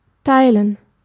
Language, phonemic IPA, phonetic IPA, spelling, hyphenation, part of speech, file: German, /ˈtaɪ̯lən/, [ˈtʰaɪ̯ln], teilen, tei‧len, verb, De-teilen.ogg
- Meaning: 1. to split, to share 2. to divide